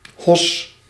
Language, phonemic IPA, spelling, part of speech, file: Dutch, /hɔs/, hos, verb, Nl-hos.ogg
- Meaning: inflection of hossen: 1. first-person singular present indicative 2. second-person singular present indicative 3. imperative